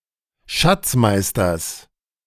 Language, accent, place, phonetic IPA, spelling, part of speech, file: German, Germany, Berlin, [ˈʃat͡sˌmaɪ̯stɐn], Schatzmeistern, noun, De-Schatzmeistern.ogg
- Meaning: dative plural of Schatzmeister